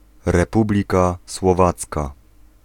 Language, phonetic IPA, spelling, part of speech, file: Polish, [rɛˈpublʲika swɔˈvat͡ska], Republika Słowacka, proper noun, Pl-Republika Słowacka.ogg